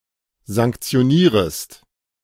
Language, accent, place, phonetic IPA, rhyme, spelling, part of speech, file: German, Germany, Berlin, [zaŋkt͡si̯oˈniːʁəst], -iːʁəst, sanktionierest, verb, De-sanktionierest.ogg
- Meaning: second-person singular subjunctive I of sanktionieren